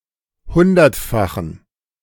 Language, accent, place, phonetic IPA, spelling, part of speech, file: German, Germany, Berlin, [ˈhʊndɐtˌfaxn̩], hundertfachen, adjective, De-hundertfachen.ogg
- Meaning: inflection of hundertfach: 1. strong genitive masculine/neuter singular 2. weak/mixed genitive/dative all-gender singular 3. strong/weak/mixed accusative masculine singular 4. strong dative plural